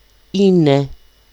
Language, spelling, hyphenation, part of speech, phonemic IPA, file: Greek, είναι, εί‧ναι, verb / noun, /ˈine/, El-είναι.ogg
- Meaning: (verb) 1. third-person singular present of είμαι (eímai): "he is, she is, it is" 2. third-person plural present of είμαι (eímai): "they are"; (noun) 1. being, that which exists 2. one's inner world